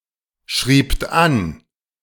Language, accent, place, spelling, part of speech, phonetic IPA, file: German, Germany, Berlin, schriebt an, verb, [ˌʃʁiːpt ˈan], De-schriebt an.ogg
- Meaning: second-person plural preterite of anschreiben